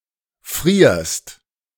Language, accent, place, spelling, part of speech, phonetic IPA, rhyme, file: German, Germany, Berlin, frierst, verb, [fʁiːɐ̯st], -iːɐ̯st, De-frierst.ogg
- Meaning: second-person singular present of frieren